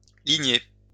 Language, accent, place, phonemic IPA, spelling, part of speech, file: French, France, Lyon, /li.ɲe/, ligner, verb, LL-Q150 (fra)-ligner.wav
- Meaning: 1. to line, make a line (mark with a line) 2. to line (add lines to a surface) 3. to fold up (a sail) 4. to fish with a line